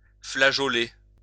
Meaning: to stagger
- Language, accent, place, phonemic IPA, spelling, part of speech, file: French, France, Lyon, /fla.ʒɔ.le/, flageoler, verb, LL-Q150 (fra)-flageoler.wav